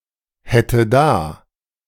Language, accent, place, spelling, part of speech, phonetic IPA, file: German, Germany, Berlin, hätte da, verb, [ˌhɛtə ˈdaː], De-hätte da.ogg
- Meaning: first/third-person singular subjunctive II of dahaben